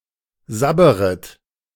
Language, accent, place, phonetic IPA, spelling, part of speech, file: German, Germany, Berlin, [ˈzabəʁət], sabberet, verb, De-sabberet.ogg
- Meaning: second-person plural subjunctive I of sabbern